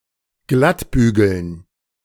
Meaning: to iron out
- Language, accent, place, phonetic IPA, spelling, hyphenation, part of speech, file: German, Germany, Berlin, [ˈɡlatˌbyːɡl̩n], glattbügeln, glatt‧bü‧geln, verb, De-glattbügeln.ogg